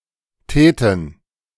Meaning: first/third-person plural subjunctive II of tun
- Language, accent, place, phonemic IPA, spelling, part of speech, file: German, Germany, Berlin, /ˈtɛːtən/, täten, verb, De-täten.ogg